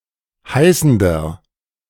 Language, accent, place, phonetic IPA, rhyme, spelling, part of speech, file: German, Germany, Berlin, [ˈhaɪ̯sn̩dɐ], -aɪ̯sn̩dɐ, heißender, adjective, De-heißender.ogg
- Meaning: inflection of heißend: 1. strong/mixed nominative masculine singular 2. strong genitive/dative feminine singular 3. strong genitive plural